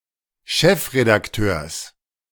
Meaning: genitive singular of Chefredakteur
- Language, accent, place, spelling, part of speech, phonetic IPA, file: German, Germany, Berlin, Chefredakteurs, noun, [ˈʃɛfʁedakˌtøːɐ̯s], De-Chefredakteurs.ogg